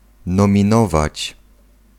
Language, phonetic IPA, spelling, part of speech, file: Polish, [ˌnɔ̃mʲĩˈnɔvat͡ɕ], nominować, verb, Pl-nominować.ogg